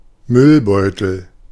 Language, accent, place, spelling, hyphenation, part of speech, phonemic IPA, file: German, Germany, Berlin, Müllbeutel, Müll‧beu‧tel, noun, /ˈmʏlˌbɔʏ̯təl/, De-Müllbeutel.ogg
- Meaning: garbage bag